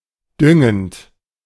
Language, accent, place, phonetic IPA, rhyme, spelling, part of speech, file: German, Germany, Berlin, [ˈdʏŋənt], -ʏŋənt, düngend, verb, De-düngend.ogg
- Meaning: present participle of düngen